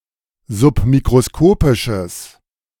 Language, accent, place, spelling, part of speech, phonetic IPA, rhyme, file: German, Germany, Berlin, submikroskopisches, adjective, [zʊpmikʁoˈskoːpɪʃəs], -oːpɪʃəs, De-submikroskopisches.ogg
- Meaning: strong/mixed nominative/accusative neuter singular of submikroskopisch